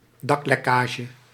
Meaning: leakage of the roof
- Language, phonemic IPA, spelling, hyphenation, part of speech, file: Dutch, /ˈdɑklɛˌkaːʒə/, daklekkage, dak‧lek‧ka‧ge, noun, Nl-daklekkage.ogg